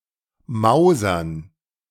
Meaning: 1. to moult feathers 2. to change positively, improve; turn over a new leaf
- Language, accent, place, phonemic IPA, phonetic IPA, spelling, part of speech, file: German, Germany, Berlin, /ˈmaʊ̯.zərn/, [ˈmaʊ̯.zɐn], mausern, verb, De-mausern.ogg